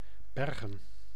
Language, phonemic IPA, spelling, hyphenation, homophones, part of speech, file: Dutch, /ˈbɛr.ɣə(n)/, Bergen, Ber‧gen, bergen, proper noun, Nl-Bergen.ogg
- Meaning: 1. Mons (a city, municipality, and capital of Hainaut, Belgium) 2. Bergen (a port city, municipality, and former county of the county of Vestland, Norway, formerly part of the county of Hordaland)